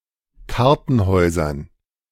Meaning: dative plural of Kartenhaus
- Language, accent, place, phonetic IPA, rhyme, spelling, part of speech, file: German, Germany, Berlin, [ˈkaʁtn̩ˌhɔɪ̯zɐn], -aʁtn̩hɔɪ̯zɐn, Kartenhäusern, noun, De-Kartenhäusern.ogg